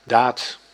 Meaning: deed, act, action
- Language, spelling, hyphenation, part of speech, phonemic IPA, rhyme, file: Dutch, daad, daad, noun, /daːt/, -aːt, Nl-daad.ogg